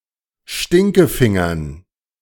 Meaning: dative plural of Stinkefinger
- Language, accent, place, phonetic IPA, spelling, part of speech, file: German, Germany, Berlin, [ˈʃtɪŋkəˌfɪŋɐn], Stinkefingern, noun, De-Stinkefingern.ogg